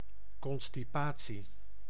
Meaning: constipation
- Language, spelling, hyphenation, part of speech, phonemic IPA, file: Dutch, constipatie, con‧sti‧pa‧tie, noun, /ˌkɔn.stiˈpaː.(t)si/, Nl-constipatie.ogg